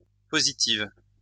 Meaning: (adjective) feminine singular of positif; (verb) inflection of positiver: 1. first/third-person singular present indicative/subjunctive 2. second-person singular imperative
- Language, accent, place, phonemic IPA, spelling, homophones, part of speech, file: French, France, Lyon, /po.zi.tiv/, positive, positivent / positives, adjective / verb, LL-Q150 (fra)-positive.wav